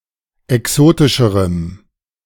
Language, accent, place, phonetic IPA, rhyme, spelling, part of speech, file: German, Germany, Berlin, [ɛˈksoːtɪʃəʁəm], -oːtɪʃəʁəm, exotischerem, adjective, De-exotischerem.ogg
- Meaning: strong dative masculine/neuter singular comparative degree of exotisch